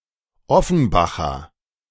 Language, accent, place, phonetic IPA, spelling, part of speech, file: German, Germany, Berlin, [ˈɔfn̩ˌbaxɐ], Offenbacher, noun, De-Offenbacher.ogg
- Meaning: A native or inhabitant of Offenbach